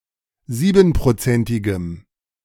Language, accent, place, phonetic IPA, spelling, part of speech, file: German, Germany, Berlin, [ˈziːbn̩pʁoˌt͡sɛntɪɡəm], siebenprozentigem, adjective, De-siebenprozentigem.ogg
- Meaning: strong dative masculine/neuter singular of siebenprozentig